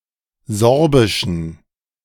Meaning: inflection of Sorbisch: 1. strong genitive masculine/neuter singular 2. weak/mixed genitive/dative all-gender singular 3. strong/weak/mixed accusative masculine singular 4. strong dative plural
- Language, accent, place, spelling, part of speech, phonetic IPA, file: German, Germany, Berlin, Sorbischen, noun, [ˈzɔʁbɪʃn̩], De-Sorbischen.ogg